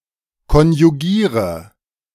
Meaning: inflection of konjugieren: 1. first-person singular present 2. first/third-person singular subjunctive I 3. singular imperative
- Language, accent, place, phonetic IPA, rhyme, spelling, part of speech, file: German, Germany, Berlin, [kɔnjuˈɡiːʁə], -iːʁə, konjugiere, verb, De-konjugiere.ogg